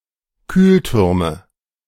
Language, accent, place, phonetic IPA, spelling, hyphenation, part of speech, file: German, Germany, Berlin, [ˈkyːlˌtʏʁmə], Kühltürme, Kühl‧tür‧me, noun, De-Kühltürme.ogg
- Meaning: nominative/accusative/genitive plural of Kühlturm